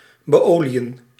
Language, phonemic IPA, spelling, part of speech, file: Dutch, /bəˈoː.li.ə(n)/, beoliën, verb, Nl-beoliën.ogg
- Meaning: to oil, to cover or lubricate with oil